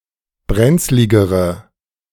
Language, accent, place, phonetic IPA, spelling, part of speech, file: German, Germany, Berlin, [ˈbʁɛnt͡slɪɡəʁə], brenzligere, adjective, De-brenzligere.ogg
- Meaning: inflection of brenzlig: 1. strong/mixed nominative/accusative feminine singular comparative degree 2. strong nominative/accusative plural comparative degree